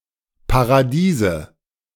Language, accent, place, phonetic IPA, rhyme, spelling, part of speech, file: German, Germany, Berlin, [paʁaˈdiːzə], -iːzə, Paradiese, noun, De-Paradiese.ogg
- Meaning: nominative/accusative/genitive plural of Paradies